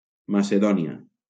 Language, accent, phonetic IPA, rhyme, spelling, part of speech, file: Catalan, Valencia, [ma.seˈðɔ.ni.a], -ɔnia, Macedònia, proper noun, LL-Q7026 (cat)-Macedònia.wav
- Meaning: Macedonia (a geographic region in Southeastern Europe in the Balkans, including North Macedonia and parts of Greece, Bulgaria, Albania and Serbia)